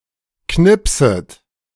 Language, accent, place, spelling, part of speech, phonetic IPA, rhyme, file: German, Germany, Berlin, knipset, verb, [ˈknɪpsət], -ɪpsət, De-knipset.ogg
- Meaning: second-person plural subjunctive I of knipsen